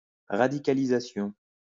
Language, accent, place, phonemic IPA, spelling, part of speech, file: French, France, Lyon, /ʁa.di.ka.li.za.sjɔ̃/, radicalisation, noun, LL-Q150 (fra)-radicalisation.wav
- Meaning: radicalization